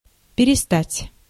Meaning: to stop, to cease, to quit
- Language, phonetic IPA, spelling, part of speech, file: Russian, [pʲɪrʲɪˈstatʲ], перестать, verb, Ru-перестать.ogg